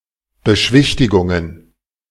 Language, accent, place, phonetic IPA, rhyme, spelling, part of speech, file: German, Germany, Berlin, [bəˈʃɪçtʊŋən], -ɪçtʊŋən, Beschichtungen, noun, De-Beschichtungen.ogg
- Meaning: plural of Beschichtung